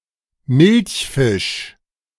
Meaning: milkfish, Chanos chanos
- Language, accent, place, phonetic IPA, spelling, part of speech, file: German, Germany, Berlin, [ˈmɪlçˌfɪʃ], Milchfisch, noun, De-Milchfisch.ogg